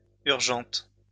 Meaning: feminine singular of urgent
- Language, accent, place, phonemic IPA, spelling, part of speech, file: French, France, Lyon, /yʁ.ʒɑ̃t/, urgente, adjective, LL-Q150 (fra)-urgente.wav